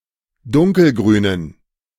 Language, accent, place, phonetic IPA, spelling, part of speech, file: German, Germany, Berlin, [ˈdʊŋkəlˌɡʁyːnən], dunkelgrünen, adjective, De-dunkelgrünen.ogg
- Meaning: inflection of dunkelgrün: 1. strong genitive masculine/neuter singular 2. weak/mixed genitive/dative all-gender singular 3. strong/weak/mixed accusative masculine singular 4. strong dative plural